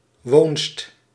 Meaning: dwelling, house
- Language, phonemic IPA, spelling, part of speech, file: Dutch, /ʋoːnst/, woonst, noun, Nl-woonst.ogg